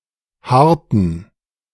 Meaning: inflection of hart: 1. strong genitive masculine/neuter singular 2. weak/mixed genitive/dative all-gender singular 3. strong/weak/mixed accusative masculine singular 4. strong dative plural
- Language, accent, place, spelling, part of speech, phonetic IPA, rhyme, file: German, Germany, Berlin, harten, adjective, [ˈhaʁtn̩], -aʁtn̩, De-harten.ogg